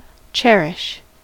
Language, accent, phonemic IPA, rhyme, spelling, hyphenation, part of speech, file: English, General American, /ˈt͡ʃɛɹɪʃ/, -ɛɹɪʃ, cherish, cher‧ish, verb, En-us-cherish.ogg
- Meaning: 1. To treat with affection, care, and tenderness; to nurture or protect with care 2. To have a deep appreciation of; to hold dear 3. To cheer, to gladden